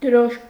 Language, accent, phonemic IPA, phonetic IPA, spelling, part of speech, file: Armenian, Eastern Armenian, /dəˈɾoʃm/, [dəɾóʃm], դրոշմ, noun, Hy-դրոշմ.ogg
- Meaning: impress, stamp, seal